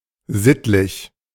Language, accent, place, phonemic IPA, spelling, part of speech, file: German, Germany, Berlin, /ˈzɪtlɪç/, sittlich, adjective, De-sittlich.ogg
- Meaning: moral